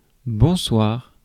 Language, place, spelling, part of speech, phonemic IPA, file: French, Paris, bonsoir, interjection, /bɔ̃.swaʁ/, Fr-bonsoir.ogg
- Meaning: good evening